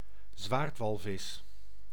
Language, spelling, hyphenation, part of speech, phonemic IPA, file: Dutch, zwaardwalvis, zwaard‧wal‧vis, noun, /ˈzʋaːrtˌʋɑl.vɪs/, Nl-zwaardwalvis.ogg
- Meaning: synonym of orka (“orca”)